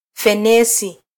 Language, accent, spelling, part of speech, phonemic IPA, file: Swahili, Kenya, fenesi, noun, /fɛˈnɛ.si/, Sw-ke-fenesi.flac
- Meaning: jackfruit